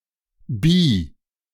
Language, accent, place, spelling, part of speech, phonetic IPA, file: German, Germany, Berlin, bi-, prefix, [biː], De-bi-.ogg
- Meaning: bi-